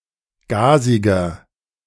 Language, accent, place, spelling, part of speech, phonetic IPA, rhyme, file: German, Germany, Berlin, gasiger, adjective, [ˈɡaːzɪɡɐ], -aːzɪɡɐ, De-gasiger.ogg
- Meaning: inflection of gasig: 1. strong/mixed nominative masculine singular 2. strong genitive/dative feminine singular 3. strong genitive plural